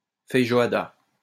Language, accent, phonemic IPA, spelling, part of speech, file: French, France, /fɛj.ʒo.a.da/, feijoada, noun, LL-Q150 (fra)-feijoada.wav
- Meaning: feijoada